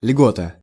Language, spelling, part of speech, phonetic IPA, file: Russian, льгота, noun, [ˈlʲɡotə], Ru-льгота.ogg
- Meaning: privilege, benefit, exemption, discount